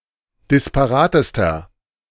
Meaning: inflection of disparat: 1. strong/mixed nominative masculine singular superlative degree 2. strong genitive/dative feminine singular superlative degree 3. strong genitive plural superlative degree
- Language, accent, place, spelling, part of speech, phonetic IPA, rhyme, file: German, Germany, Berlin, disparatester, adjective, [dɪspaˈʁaːtəstɐ], -aːtəstɐ, De-disparatester.ogg